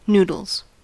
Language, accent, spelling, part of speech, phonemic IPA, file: English, US, noodles, noun / verb, /ˈnuːd(ə)lz/, En-us-noodles.ogg
- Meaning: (noun) 1. plural of noodle 2. Euphemistic form of nudes (“nude photographs”) 3. Redstone circuitry; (verb) third-person singular simple present indicative of noodle